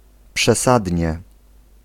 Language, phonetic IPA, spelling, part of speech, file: Polish, [pʃɛˈsadʲɲɛ], przesadnie, adverb, Pl-przesadnie.ogg